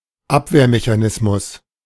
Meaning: defense mechanism
- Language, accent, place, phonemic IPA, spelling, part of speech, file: German, Germany, Berlin, /ˈapveːɐ̯meçaˌnɪsmʊs/, Abwehrmechanismus, noun, De-Abwehrmechanismus.ogg